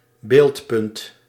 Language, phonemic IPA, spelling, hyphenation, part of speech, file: Dutch, /ˈbeːlt.pʏnt/, beeldpunt, beeld‧punt, noun, Nl-beeldpunt.ogg
- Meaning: pixel